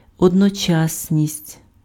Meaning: 1. simultaneity, simultaneousness 2. synchronism
- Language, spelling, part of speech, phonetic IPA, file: Ukrainian, одночасність, noun, [ɔdnɔˈt͡ʃasʲnʲisʲtʲ], Uk-одночасність.ogg